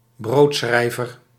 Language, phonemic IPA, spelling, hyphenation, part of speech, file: Dutch, /ˈbroːtˌsxrɛi̯.vər/, broodschrijver, brood‧schrij‧ver, noun, Nl-broodschrijver.ogg
- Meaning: author who writes for a living, often implied to have little regard for quality or principle; hack writer